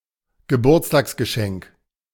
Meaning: birthday present (a present given to someone to celebrate their birthday)
- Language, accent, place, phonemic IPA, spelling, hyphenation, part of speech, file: German, Germany, Berlin, /ɡəˈbuːɐ̯t͡staːksɡəˌʃɛŋk/, Geburtstagsgeschenk, Ge‧burts‧tags‧ge‧schenk, noun, De-Geburtstagsgeschenk.ogg